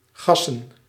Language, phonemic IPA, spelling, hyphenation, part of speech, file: Dutch, /ˈɣɑsə(n)/, gassen, gas‧sen, verb / noun, Nl-gassen.ogg
- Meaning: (verb) 1. to hit the gas, to accelerate a motor vehicle 2. to drive wildly and at high speed; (noun) plural of gas